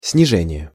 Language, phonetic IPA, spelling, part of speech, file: Russian, [snʲɪˈʐɛnʲɪje], снижение, noun, Ru-снижение.ogg
- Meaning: 1. reduction, decrease (act, process, or result of reducing) 2. lowering 3. descent